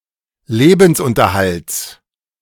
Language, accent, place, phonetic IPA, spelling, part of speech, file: German, Germany, Berlin, [ˈleːbn̩sˌʔʊntɐhalt͡s], Lebensunterhalts, noun, De-Lebensunterhalts.ogg
- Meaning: genitive singular of Lebensunterhalt